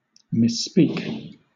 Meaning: 1. To fail to pronounce, utter, or speak correctly 2. To speak insultingly or disrespectfully
- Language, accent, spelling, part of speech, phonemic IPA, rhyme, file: English, Southern England, misspeak, verb, /mɪsˈspiːk/, -iːk, LL-Q1860 (eng)-misspeak.wav